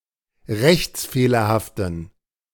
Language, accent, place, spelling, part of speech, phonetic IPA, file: German, Germany, Berlin, rechtsfehlerhaften, adjective, [ˈʁɛçt͡sˌfeːlɐhaftn̩], De-rechtsfehlerhaften.ogg
- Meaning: inflection of rechtsfehlerhaft: 1. strong genitive masculine/neuter singular 2. weak/mixed genitive/dative all-gender singular 3. strong/weak/mixed accusative masculine singular